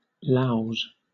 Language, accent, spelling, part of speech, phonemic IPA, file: English, Southern England, Laos, noun, /laʊz/, LL-Q1860 (eng)-Laos.wav
- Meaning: plural of Lao